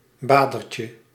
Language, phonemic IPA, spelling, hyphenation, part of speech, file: Dutch, /ˈbaː.dər.tjə/, badertje, ba‧der‧tje, noun, Nl-badertje.ogg
- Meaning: diminutive of bader